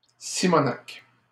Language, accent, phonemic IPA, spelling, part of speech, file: French, Canada, /si.mɔ.nak/, simonaque, noun, LL-Q150 (fra)-simonaque.wav
- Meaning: an exceeding amount